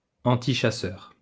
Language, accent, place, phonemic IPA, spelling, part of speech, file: French, France, Lyon, /ɑ̃.ti.ʃa.sœʁ/, antichasseur, adjective, LL-Q150 (fra)-antichasseur.wav
- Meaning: antihunting